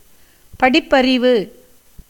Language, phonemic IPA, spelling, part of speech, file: Tamil, /pɐɖɪpːɐrɪʋɯ/, படிப்பறிவு, noun, Ta-படிப்பறிவு.ogg
- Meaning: knowledge attained through reading books; from education; bookish knowledge